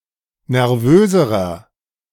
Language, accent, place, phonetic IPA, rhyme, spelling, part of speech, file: German, Germany, Berlin, [nɛʁˈvøːzəʁɐ], -øːzəʁɐ, nervöserer, adjective, De-nervöserer.ogg
- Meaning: inflection of nervös: 1. strong/mixed nominative masculine singular comparative degree 2. strong genitive/dative feminine singular comparative degree 3. strong genitive plural comparative degree